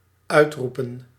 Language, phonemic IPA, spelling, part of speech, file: Dutch, /ˈœytrupə(n)/, uitroepen, verb / noun, Nl-uitroepen.ogg
- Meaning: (noun) plural of uitroep; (verb) 1. to cry out 2. to proclaim